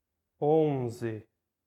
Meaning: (numeral) eleven; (noun) eleven (a football team of eleven players)
- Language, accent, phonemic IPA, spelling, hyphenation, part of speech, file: Portuguese, Brazil, /ˈõ.zi/, onze, on‧ze, numeral / noun, Pt-br-onze.ogg